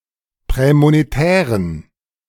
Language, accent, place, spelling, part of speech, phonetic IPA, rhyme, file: German, Germany, Berlin, prämonetären, adjective, [ˌpʁɛːmoneˈtɛːʁən], -ɛːʁən, De-prämonetären.ogg
- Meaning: inflection of prämonetär: 1. strong genitive masculine/neuter singular 2. weak/mixed genitive/dative all-gender singular 3. strong/weak/mixed accusative masculine singular 4. strong dative plural